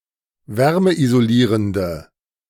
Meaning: inflection of wärmeisolierend: 1. strong/mixed nominative/accusative feminine singular 2. strong nominative/accusative plural 3. weak nominative all-gender singular
- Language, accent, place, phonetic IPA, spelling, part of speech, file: German, Germany, Berlin, [ˈvɛʁməʔizoˌliːʁəndə], wärmeisolierende, adjective, De-wärmeisolierende.ogg